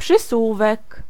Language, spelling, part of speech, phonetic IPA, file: Polish, przysłówek, noun, [pʃɨˈswuvɛk], Pl-przysłówek.ogg